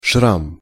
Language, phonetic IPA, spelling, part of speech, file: Russian, [ʂram], шрам, noun, Ru-шрам.ogg
- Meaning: scar, cicatrix (a permanent mark on the skin sometimes caused by the healing of a wound)